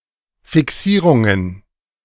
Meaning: plural of Fixierung
- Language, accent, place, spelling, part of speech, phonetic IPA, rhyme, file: German, Germany, Berlin, Fixierungen, noun, [fɪˈksiːʁʊŋən], -iːʁʊŋən, De-Fixierungen.ogg